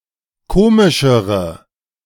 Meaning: inflection of komisch: 1. strong/mixed nominative/accusative feminine singular comparative degree 2. strong nominative/accusative plural comparative degree
- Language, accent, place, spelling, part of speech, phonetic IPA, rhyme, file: German, Germany, Berlin, komischere, adjective, [ˈkoːmɪʃəʁə], -oːmɪʃəʁə, De-komischere.ogg